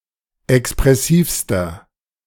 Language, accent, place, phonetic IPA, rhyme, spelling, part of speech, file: German, Germany, Berlin, [ɛkspʁɛˈsiːfstɐ], -iːfstɐ, expressivster, adjective, De-expressivster.ogg
- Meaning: inflection of expressiv: 1. strong/mixed nominative masculine singular superlative degree 2. strong genitive/dative feminine singular superlative degree 3. strong genitive plural superlative degree